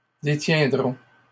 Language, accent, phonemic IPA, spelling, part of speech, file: French, Canada, /de.tjɛ̃.dʁɔ̃/, détiendrons, verb, LL-Q150 (fra)-détiendrons.wav
- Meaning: first-person plural simple future of détenir